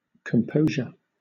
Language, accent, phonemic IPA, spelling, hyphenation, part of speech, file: English, Southern England, /kəmˈpəʊʒə/, composure, com‧po‧sure, noun, LL-Q1860 (eng)-composure.wav
- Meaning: 1. Calmness of mind or temperament 2. The act of composing 3. Something which is composed; a composition 4. Orderly adjustment; disposition 5. Frame; make; temperament